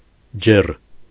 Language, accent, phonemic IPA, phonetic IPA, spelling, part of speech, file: Armenian, Eastern Armenian, /d͡ʒer/, [d͡ʒer], ջեռ, adjective, Hy-ջեռ.ogg
- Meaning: 1. warm 2. bright, shining